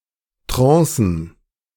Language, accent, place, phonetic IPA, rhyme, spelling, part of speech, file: German, Germany, Berlin, [tʁɑ̃ːsn̩], -ɑ̃ːsn̩, Trancen, noun, De-Trancen.ogg
- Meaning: plural of Trance